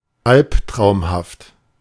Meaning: nightmarish
- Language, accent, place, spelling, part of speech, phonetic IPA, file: German, Germany, Berlin, albtraumhaft, adjective, [ˈalptʁaʊ̯mhaft], De-albtraumhaft.ogg